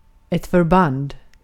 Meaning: 1. a bandage 2. a joint 3. a military unit
- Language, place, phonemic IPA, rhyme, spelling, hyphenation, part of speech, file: Swedish, Gotland, /fœrˈband/, -and, förband, för‧band, noun, Sv-förband.ogg